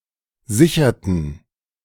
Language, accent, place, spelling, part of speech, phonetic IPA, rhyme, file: German, Germany, Berlin, sicherten, verb, [ˈzɪçɐtn̩], -ɪçɐtn̩, De-sicherten.ogg
- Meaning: inflection of sichern: 1. first/third-person plural preterite 2. first/third-person plural subjunctive II